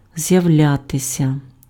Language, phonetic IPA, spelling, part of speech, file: Ukrainian, [zjɐu̯ˈlʲatesʲɐ], з'являтися, verb, Uk-з'являтися.ogg
- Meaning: to appear, to show up, to show oneself, to turn up (come into view, become visible, make an appearance)